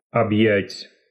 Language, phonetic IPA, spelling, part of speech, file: Russian, [ɐbˈjætʲ], объять, verb, Ru-объять.ogg
- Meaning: 1. to come (over), to envelop, to fill 2. to comprehend, to grasp, to embrace